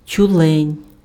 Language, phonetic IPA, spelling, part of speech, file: Ukrainian, [tʲʊˈɫɛnʲ], тюлень, noun, Uk-тюлень.ogg
- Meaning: seal (pinniped of the genus Phoca)